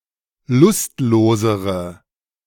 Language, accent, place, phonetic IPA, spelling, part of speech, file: German, Germany, Berlin, [ˈlʊstˌloːzəʁə], lustlosere, adjective, De-lustlosere.ogg
- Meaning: inflection of lustlos: 1. strong/mixed nominative/accusative feminine singular comparative degree 2. strong nominative/accusative plural comparative degree